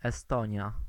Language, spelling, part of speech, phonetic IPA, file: Polish, Estonia, proper noun, [ɛˈstɔ̃ɲja], Pl-Estonia.ogg